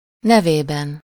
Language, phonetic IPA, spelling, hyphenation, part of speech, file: Hungarian, [ˈnɛveːbɛn], nevében, ne‧vé‧ben, noun, Hu-nevében.ogg
- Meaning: inessive singular of neve